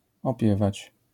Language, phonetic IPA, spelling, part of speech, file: Polish, [ɔˈpʲjɛvat͡ɕ], opiewać, verb, LL-Q809 (pol)-opiewać.wav